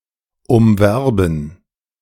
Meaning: to woo, to attempt to rouse economic or erotic desire in
- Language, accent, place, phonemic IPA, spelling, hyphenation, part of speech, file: German, Germany, Berlin, /ʊmˈvɛʁbən/, umwerben, um‧wer‧ben, verb, De-umwerben.ogg